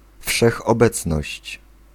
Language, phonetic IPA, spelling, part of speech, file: Polish, [ˌfʃɛxɔˈbɛt͡snɔɕt͡ɕ], wszechobecność, noun, Pl-wszechobecność.ogg